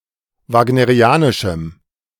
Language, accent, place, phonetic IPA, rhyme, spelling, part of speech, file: German, Germany, Berlin, [ˌvaːɡnəʁiˈaːnɪʃm̩], -aːnɪʃm̩, wagnerianischem, adjective, De-wagnerianischem.ogg
- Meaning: strong dative masculine/neuter singular of wagnerianisch